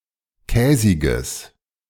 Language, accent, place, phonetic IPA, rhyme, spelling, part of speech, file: German, Germany, Berlin, [ˈkɛːzɪɡəs], -ɛːzɪɡəs, käsiges, adjective, De-käsiges.ogg
- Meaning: strong/mixed nominative/accusative neuter singular of käsig